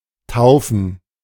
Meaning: 1. to baptize 2. to name
- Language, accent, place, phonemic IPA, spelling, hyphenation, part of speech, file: German, Germany, Berlin, /ˈtaʊ̯fn̩/, taufen, tau‧fen, verb, De-taufen.ogg